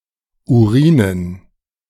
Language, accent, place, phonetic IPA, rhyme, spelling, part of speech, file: German, Germany, Berlin, [uˈʁiːnən], -iːnən, Urinen, noun, De-Urinen.ogg
- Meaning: dative plural of Urin